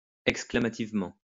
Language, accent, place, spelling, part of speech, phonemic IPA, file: French, France, Lyon, exclamativement, adverb, /ɛk.skla.ma.tiv.mɑ̃/, LL-Q150 (fra)-exclamativement.wav
- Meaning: exclamatorily